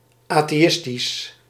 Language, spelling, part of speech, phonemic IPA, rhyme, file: Dutch, atheïstisch, adjective, /ˌaː.teːˈ(j)ɪs.tis/, -ɪstis, Nl-atheïstisch.ogg
- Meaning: atheistic